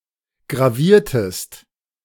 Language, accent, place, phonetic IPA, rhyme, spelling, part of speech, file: German, Germany, Berlin, [ɡʁaˈviːɐ̯təst], -iːɐ̯təst, graviertest, verb, De-graviertest.ogg
- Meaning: inflection of gravieren: 1. second-person singular preterite 2. second-person singular subjunctive II